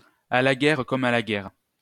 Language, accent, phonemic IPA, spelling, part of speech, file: French, France, /a la ɡɛʁ kɔm a la ɡɛʁ/, à la guerre comme à la guerre, proverb, LL-Q150 (fra)-à la guerre comme à la guerre.wav
- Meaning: One must make the best of one's situation, or make do with what one has; roughly keep a stiff upper lip, or when life gives you lemons, make lemonade